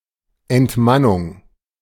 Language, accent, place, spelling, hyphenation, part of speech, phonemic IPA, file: German, Germany, Berlin, Entmannung, Ent‧man‧nung, noun, /ɛntˈmanʊŋ/, De-Entmannung.ogg
- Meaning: 1. castration 2. emasculation